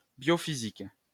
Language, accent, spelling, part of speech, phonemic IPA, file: French, France, biophysique, noun, /bjɔ.fi.zik/, LL-Q150 (fra)-biophysique.wav
- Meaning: biophysics